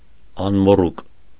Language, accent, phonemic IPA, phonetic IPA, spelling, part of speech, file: Armenian, Eastern Armenian, /ɑnmoˈruk/, [ɑnmorúk], անմոռուկ, noun, Hy-անմոռուկ.ogg
- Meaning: forget-me-not, Myosotis